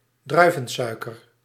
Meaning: glucose
- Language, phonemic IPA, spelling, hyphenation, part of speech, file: Dutch, /ˈdrœy̯.və(n)ˌsœy̯.kər/, druivensuiker, drui‧ven‧sui‧ker, noun, Nl-druivensuiker.ogg